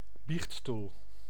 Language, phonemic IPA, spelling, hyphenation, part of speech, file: Dutch, /ˈbixt.stul/, biechtstoel, biecht‧stoel, noun, Nl-biechtstoel.ogg
- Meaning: a confessional chair (often rather a booth) where a confessor can privately hear confession